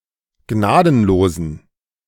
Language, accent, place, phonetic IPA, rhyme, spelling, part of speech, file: German, Germany, Berlin, [ˈɡnaːdn̩loːzn̩], -aːdn̩loːzn̩, gnadenlosen, adjective, De-gnadenlosen.ogg
- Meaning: inflection of gnadenlos: 1. strong genitive masculine/neuter singular 2. weak/mixed genitive/dative all-gender singular 3. strong/weak/mixed accusative masculine singular 4. strong dative plural